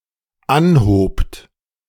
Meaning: second-person plural dependent preterite of anheben
- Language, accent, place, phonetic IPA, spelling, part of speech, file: German, Germany, Berlin, [ˈanhoːpt], anhobt, verb, De-anhobt.ogg